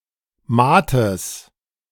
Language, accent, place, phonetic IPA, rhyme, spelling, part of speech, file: German, Germany, Berlin, [ˈmaːtəs], -aːtəs, Maates, noun, De-Maates.ogg
- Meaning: genitive singular of Maat